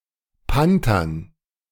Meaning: dative plural of Panter
- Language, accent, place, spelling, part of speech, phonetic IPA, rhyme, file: German, Germany, Berlin, Pantern, noun, [ˈpantɐn], -antɐn, De-Pantern.ogg